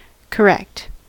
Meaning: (adjective) 1. Free from error; true; accurate 2. With good manners; well behaved; conforming with accepted standards of behaviour; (adverb) Correctly
- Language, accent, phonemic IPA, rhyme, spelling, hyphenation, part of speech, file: English, US, /kəˈɹɛkt/, -ɛkt, correct, cor‧rect, adjective / adverb / interjection / noun / verb, En-us-correct.ogg